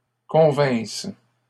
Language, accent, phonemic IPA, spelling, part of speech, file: French, Canada, /kɔ̃.vɛ̃s/, convinsse, verb, LL-Q150 (fra)-convinsse.wav
- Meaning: first-person singular imperfect subjunctive of convenir